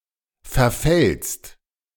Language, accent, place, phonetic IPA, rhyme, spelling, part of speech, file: German, Germany, Berlin, [fɛɐ̯ˈfɛlst], -ɛlst, verfällst, verb, De-verfällst.ogg
- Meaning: second-person singular present of verfallen